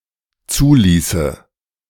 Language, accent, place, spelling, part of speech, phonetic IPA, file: German, Germany, Berlin, zuließe, verb, [ˈt͡suːˌliːsə], De-zuließe.ogg
- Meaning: first/third-person singular dependent subjunctive II of zulassen